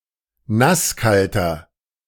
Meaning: inflection of nasskalt: 1. strong/mixed nominative masculine singular 2. strong genitive/dative feminine singular 3. strong genitive plural
- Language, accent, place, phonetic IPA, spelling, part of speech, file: German, Germany, Berlin, [ˈnasˌkaltɐ], nasskalter, adjective, De-nasskalter.ogg